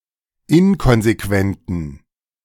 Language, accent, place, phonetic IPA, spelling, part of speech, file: German, Germany, Berlin, [ˈɪnkɔnzeˌkvɛntn̩], inkonsequenten, adjective, De-inkonsequenten.ogg
- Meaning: inflection of inkonsequent: 1. strong genitive masculine/neuter singular 2. weak/mixed genitive/dative all-gender singular 3. strong/weak/mixed accusative masculine singular 4. strong dative plural